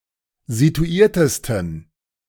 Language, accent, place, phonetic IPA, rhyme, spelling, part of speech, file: German, Germany, Berlin, [zituˈiːɐ̯təstn̩], -iːɐ̯təstn̩, situiertesten, adjective, De-situiertesten.ogg
- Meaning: 1. superlative degree of situiert 2. inflection of situiert: strong genitive masculine/neuter singular superlative degree